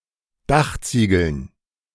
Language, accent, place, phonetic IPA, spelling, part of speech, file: German, Germany, Berlin, [ˈdaxˌt͡siːɡl̩n], Dachziegeln, noun, De-Dachziegeln.ogg
- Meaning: dative plural of Dachziegel